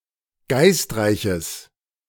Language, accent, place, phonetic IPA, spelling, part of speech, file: German, Germany, Berlin, [ˈɡaɪ̯stˌʁaɪ̯çəs], geistreiches, adjective, De-geistreiches.ogg
- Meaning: strong/mixed nominative/accusative neuter singular of geistreich